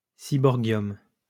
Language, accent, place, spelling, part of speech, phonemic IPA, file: French, France, Lyon, seaborgium, noun, /si.bɔʁ.ɡjɔm/, LL-Q150 (fra)-seaborgium.wav
- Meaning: seaborgium